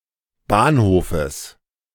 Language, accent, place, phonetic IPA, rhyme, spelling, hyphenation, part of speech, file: German, Germany, Berlin, [ˈbaːnˌhoːfəs], -oːfəs, Bahnhofes, Bahn‧ho‧fes, noun, De-Bahnhofes.ogg
- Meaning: genitive singular of Bahnhof